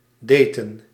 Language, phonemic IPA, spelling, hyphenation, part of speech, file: Dutch, /ˈdeː.tə(n)/, daten, da‧ten, verb, Nl-daten.ogg
- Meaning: to date